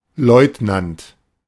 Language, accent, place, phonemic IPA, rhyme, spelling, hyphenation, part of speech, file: German, Germany, Berlin, /ˈlɔʏ̯tnant/, -ant, Leutnant, Leut‧nant, noun, De-Leutnant.ogg
- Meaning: lieutenant